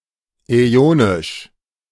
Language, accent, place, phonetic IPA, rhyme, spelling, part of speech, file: German, Germany, Berlin, [ɛˈoːnɪʃ], -oːnɪʃ, äonisch, adjective, De-äonisch.ogg
- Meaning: eonian